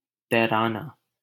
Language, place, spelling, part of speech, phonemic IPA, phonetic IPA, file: Hindi, Delhi, तैराना, verb, /t̪ɛː.ɾɑː.nɑː/, [t̪ɛː.ɾäː.näː], LL-Q1568 (hin)-तैराना.wav
- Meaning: to float